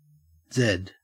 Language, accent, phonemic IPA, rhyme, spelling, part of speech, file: English, Australia, /zɛd/, -ɛd, zed, noun / verb, En-au-zed.ogg
- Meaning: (noun) 1. The name of the Latin script letter Z/z 2. Something Z-shaped 3. Sleep 4. A zombie; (verb) To sleep or nap. (Compare zzz, catch some z's.)